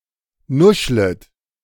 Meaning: second-person plural subjunctive I of nuscheln
- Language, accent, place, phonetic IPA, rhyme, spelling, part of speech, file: German, Germany, Berlin, [ˈnʊʃlət], -ʊʃlət, nuschlet, verb, De-nuschlet.ogg